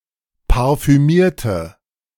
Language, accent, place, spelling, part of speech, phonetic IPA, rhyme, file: German, Germany, Berlin, parfümierte, adjective / verb, [paʁfyˈmiːɐ̯tə], -iːɐ̯tə, De-parfümierte.ogg
- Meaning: inflection of parfümieren: 1. first/third-person singular preterite 2. first/third-person singular subjunctive II